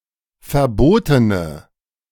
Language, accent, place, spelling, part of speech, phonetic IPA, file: German, Germany, Berlin, verbotene, adjective, [fɛɐ̯ˈboːtənə], De-verbotene.ogg
- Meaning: inflection of verboten: 1. strong/mixed nominative/accusative feminine singular 2. strong nominative/accusative plural 3. weak nominative all-gender singular